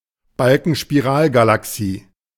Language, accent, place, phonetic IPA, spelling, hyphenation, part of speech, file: German, Germany, Berlin, [ˈbalkənʃpiˈʀaːlɡalaˈksiː], Balkenspiralgalaxie, Bal‧ken‧spi‧ral‧ga‧la‧xie, noun, De-Balkenspiralgalaxie.ogg
- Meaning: barred spiral galaxy